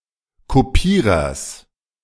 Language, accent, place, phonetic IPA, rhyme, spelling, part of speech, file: German, Germany, Berlin, [ˌkoˈpiːʁɐs], -iːʁɐs, Kopierers, noun, De-Kopierers.ogg
- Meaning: genitive singular of Kopierer